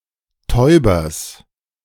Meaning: genitive singular of Täuber
- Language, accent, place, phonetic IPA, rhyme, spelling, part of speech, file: German, Germany, Berlin, [ˈtɔɪ̯bɐs], -ɔɪ̯bɐs, Täubers, noun, De-Täubers.ogg